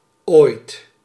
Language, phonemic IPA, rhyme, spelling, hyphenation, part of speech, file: Dutch, /oːi̯t/, -oːi̯t, ooit, ooit, adverb, Nl-ooit.ogg
- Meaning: 1. sometime (in the future), someday, at some point 2. ever 3. once (in the past) 4. of all time, ever